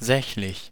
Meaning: neuter
- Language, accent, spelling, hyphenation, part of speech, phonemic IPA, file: German, Germany, sächlich, säch‧lich, adjective, /ˈzɛçlɪç/, De-sächlich.ogg